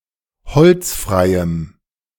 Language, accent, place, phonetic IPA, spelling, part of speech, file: German, Germany, Berlin, [ˈhɔlt͡sˌfʁaɪ̯əm], holzfreiem, adjective, De-holzfreiem.ogg
- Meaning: strong dative masculine/neuter singular of holzfrei